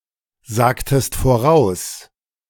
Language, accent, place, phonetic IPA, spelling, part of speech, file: German, Germany, Berlin, [ˌzaːktəst foˈʁaʊ̯s], sagtest voraus, verb, De-sagtest voraus.ogg
- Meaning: inflection of voraussagen: 1. second-person singular preterite 2. second-person singular subjunctive II